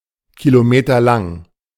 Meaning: kilometre-long
- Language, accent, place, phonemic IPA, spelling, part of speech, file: German, Germany, Berlin, /kiloˈmeːtɐlaŋ/, kilometerlang, adjective, De-kilometerlang.ogg